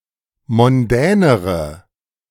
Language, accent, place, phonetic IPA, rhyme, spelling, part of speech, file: German, Germany, Berlin, [mɔnˈdɛːnəʁə], -ɛːnəʁə, mondänere, adjective, De-mondänere.ogg
- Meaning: inflection of mondän: 1. strong/mixed nominative/accusative feminine singular comparative degree 2. strong nominative/accusative plural comparative degree